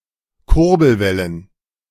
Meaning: plural of Kurbelwelle
- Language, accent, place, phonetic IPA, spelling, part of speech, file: German, Germany, Berlin, [ˈkʊʁbl̩ˌvɛlən], Kurbelwellen, noun, De-Kurbelwellen.ogg